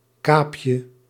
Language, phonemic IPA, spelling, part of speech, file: Dutch, /ˈkapjə/, kaapje, noun, Nl-kaapje.ogg
- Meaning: diminutive of kaap